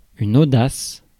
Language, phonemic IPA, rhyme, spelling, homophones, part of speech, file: French, /o.das/, -as, audace, audaces, noun, Fr-audace.ogg
- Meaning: 1. audacity, boldness 2. audacity, impudence